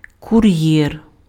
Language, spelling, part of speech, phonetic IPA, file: Ukrainian, кур'єр, noun, [kʊˈrjɛr], Uk-кур'єр.ogg
- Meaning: courier